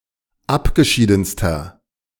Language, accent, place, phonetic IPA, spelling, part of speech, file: German, Germany, Berlin, [ˈapɡəˌʃiːdn̩stɐ], abgeschiedenster, adjective, De-abgeschiedenster.ogg
- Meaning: inflection of abgeschieden: 1. strong/mixed nominative masculine singular superlative degree 2. strong genitive/dative feminine singular superlative degree 3. strong genitive plural superlative degree